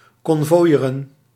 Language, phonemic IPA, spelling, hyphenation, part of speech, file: Dutch, /ˌkɔn.voːˈjeː.rə(n)/, konvooieren, kon‧vooi‧e‧ren, verb, Nl-konvooieren.ogg
- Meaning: to escort, to convoy